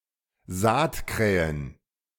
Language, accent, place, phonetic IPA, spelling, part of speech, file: German, Germany, Berlin, [ˈzaːtkʁɛːən], Saatkrähen, noun, De-Saatkrähen.ogg
- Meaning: plural of Saatkrähe